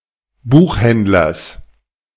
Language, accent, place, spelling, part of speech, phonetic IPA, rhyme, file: German, Germany, Berlin, Buchhändlers, noun, [ˈbuːxˌhɛndlɐs], -uːxhɛndlɐs, De-Buchhändlers.ogg
- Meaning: genitive singular of Buchhändler